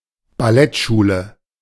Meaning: ballet school
- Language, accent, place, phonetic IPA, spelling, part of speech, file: German, Germany, Berlin, [baˈlɛtˌʃuːlə], Ballettschule, noun, De-Ballettschule.ogg